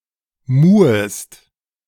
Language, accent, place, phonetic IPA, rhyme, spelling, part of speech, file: German, Germany, Berlin, [ˈmuːəst], -uːəst, muhest, verb, De-muhest.ogg
- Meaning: second-person singular subjunctive I of muhen